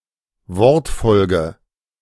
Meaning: word order
- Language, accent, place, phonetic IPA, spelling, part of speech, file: German, Germany, Berlin, [ˈvɔʁtˌfɔlɡə], Wortfolge, noun, De-Wortfolge.ogg